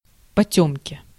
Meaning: darkness
- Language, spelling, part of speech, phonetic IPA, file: Russian, потёмки, noun, [pɐˈtʲɵmkʲɪ], Ru-потёмки.ogg